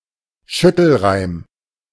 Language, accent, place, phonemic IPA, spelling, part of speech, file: German, Germany, Berlin, /ˈʃʏtl̩ˌʁaɪ̯m/, Schüttelreim, noun, De-Schüttelreim.ogg
- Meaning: a combination of rhyme and spoonerism; poetic lines in which the last few syllables are the same except for some exchanged sounds